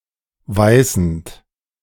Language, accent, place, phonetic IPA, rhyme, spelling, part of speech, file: German, Germany, Berlin, [ˈvaɪ̯sn̩t], -aɪ̯sn̩t, weißend, verb, De-weißend.ogg
- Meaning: present participle of weißen